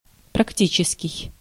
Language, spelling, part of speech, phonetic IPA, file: Russian, практический, adjective, [prɐkˈtʲit͡ɕɪskʲɪj], Ru-практический.ogg
- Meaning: 1. practical 2. applied